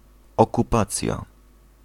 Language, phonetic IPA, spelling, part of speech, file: Polish, [ˌɔkuˈpat͡sʲja], okupacja, noun, Pl-okupacja.ogg